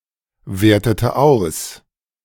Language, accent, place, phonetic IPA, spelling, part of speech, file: German, Germany, Berlin, [ˌveːɐ̯tətə ˈaʊ̯s], wertete aus, verb, De-wertete aus.ogg
- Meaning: inflection of auswerten: 1. first/third-person singular preterite 2. first/third-person singular subjunctive II